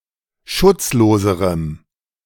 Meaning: strong dative masculine/neuter singular comparative degree of schutzlos
- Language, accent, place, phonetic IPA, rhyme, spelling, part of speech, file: German, Germany, Berlin, [ˈʃʊt͡sˌloːzəʁəm], -ʊt͡sloːzəʁəm, schutzloserem, adjective, De-schutzloserem.ogg